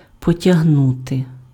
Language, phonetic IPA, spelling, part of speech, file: Ukrainian, [pɔtʲɐɦˈnute], потягнути, verb, Uk-потягнути.ogg
- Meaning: to drag, to pull